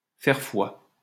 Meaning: 1. to prove, to serve as proof (of/that), to be evidence (of/that), to bear witness (of/that), to attest (to/that) 2. to be reliable 3. to be valid; to prevail
- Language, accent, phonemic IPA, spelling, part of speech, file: French, France, /fɛʁ fwa/, faire foi, verb, LL-Q150 (fra)-faire foi.wav